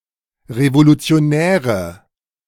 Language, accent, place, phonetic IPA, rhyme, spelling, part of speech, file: German, Germany, Berlin, [ʁevolut͡si̯oˈnɛːʁə], -ɛːʁə, Revolutionäre, noun, De-Revolutionäre.ogg
- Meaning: nominative/accusative/genitive plural of Revolutionär